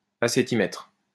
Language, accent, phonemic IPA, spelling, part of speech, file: French, France, /a.se.ti.mɛtʁ/, acétimètre, noun, LL-Q150 (fra)-acétimètre.wav
- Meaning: acetimeter